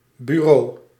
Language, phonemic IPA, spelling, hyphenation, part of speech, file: Dutch, /byˈroː/, buro, bu‧ro, noun, Nl-buro.ogg
- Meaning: superseded spelling of bureau